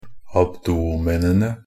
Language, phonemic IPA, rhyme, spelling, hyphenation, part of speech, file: Norwegian Bokmål, /abˈduːmɛnənə/, -ənə, abdomenene, ab‧do‧me‧ne‧ne, noun, NB - Pronunciation of Norwegian Bokmål «abdomenene».ogg
- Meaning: definite plural of abdomen